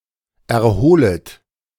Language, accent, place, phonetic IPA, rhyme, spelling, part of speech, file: German, Germany, Berlin, [ɛɐ̯ˈhoːlət], -oːlət, erholet, verb, De-erholet.ogg
- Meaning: second-person plural subjunctive I of erholen